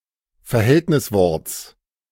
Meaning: genitive singular of Verhältniswort
- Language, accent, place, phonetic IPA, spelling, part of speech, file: German, Germany, Berlin, [fɛɐ̯ˈhɛltnɪsˌvɔʁt͡s], Verhältnisworts, noun, De-Verhältnisworts.ogg